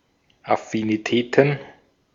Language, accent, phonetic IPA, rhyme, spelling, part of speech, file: German, Austria, [afiniˈtɛːtn̩], -ɛːtn̩, Affinitäten, noun, De-at-Affinitäten.ogg
- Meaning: plural of Affinität